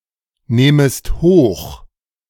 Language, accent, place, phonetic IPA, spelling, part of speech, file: German, Germany, Berlin, [ˌneːməst ˈhoːx], nehmest hoch, verb, De-nehmest hoch.ogg
- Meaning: second-person singular subjunctive I of hochnehmen